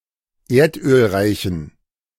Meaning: inflection of erdölreich: 1. strong genitive masculine/neuter singular 2. weak/mixed genitive/dative all-gender singular 3. strong/weak/mixed accusative masculine singular 4. strong dative plural
- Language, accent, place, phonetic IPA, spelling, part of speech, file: German, Germany, Berlin, [ˈeːɐ̯tʔøːlˌʁaɪ̯çn̩], erdölreichen, adjective, De-erdölreichen.ogg